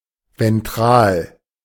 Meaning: ventral
- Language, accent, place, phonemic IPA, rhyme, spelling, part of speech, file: German, Germany, Berlin, /vɛnˈtʁaːl/, -aːl, ventral, adjective, De-ventral.ogg